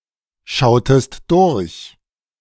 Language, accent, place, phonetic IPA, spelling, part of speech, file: German, Germany, Berlin, [ˌʃaʊ̯təst ˈdʊʁç], schautest durch, verb, De-schautest durch.ogg
- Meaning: inflection of durchschauen: 1. second-person singular preterite 2. second-person singular subjunctive II